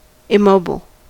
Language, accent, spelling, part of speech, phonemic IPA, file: English, US, immobile, adjective / noun, /ɪˈmoʊ.bəl/, En-us-immobile.ogg
- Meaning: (adjective) Fixed, not movable; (noun) One who does not or cannot move (e.g. to travel or live elsewhere)